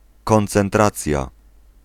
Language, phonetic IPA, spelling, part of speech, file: Polish, [ˌkɔ̃nt͡sɛ̃nˈtrat͡sʲja], koncentracja, noun, Pl-koncentracja.ogg